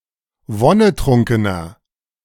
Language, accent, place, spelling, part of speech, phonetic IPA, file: German, Germany, Berlin, wonnetrunkener, adjective, [ˈvɔnəˌtʁʊŋkənɐ], De-wonnetrunkener.ogg
- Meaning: 1. comparative degree of wonnetrunken 2. inflection of wonnetrunken: strong/mixed nominative masculine singular 3. inflection of wonnetrunken: strong genitive/dative feminine singular